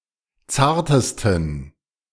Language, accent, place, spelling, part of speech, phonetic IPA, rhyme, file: German, Germany, Berlin, zartesten, adjective, [ˈt͡saːɐ̯təstn̩], -aːɐ̯təstn̩, De-zartesten.ogg
- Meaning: 1. superlative degree of zart 2. inflection of zart: strong genitive masculine/neuter singular superlative degree